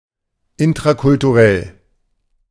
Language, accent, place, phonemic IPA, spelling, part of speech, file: German, Germany, Berlin, /ɪntʁakʊltuˈʁɛl/, intrakulturell, adjective, De-intrakulturell.ogg
- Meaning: intracultural